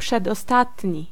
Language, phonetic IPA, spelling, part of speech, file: Polish, [ˌpʃɛdɔˈstatʲɲi], przedostatni, adjective, Pl-przedostatni.ogg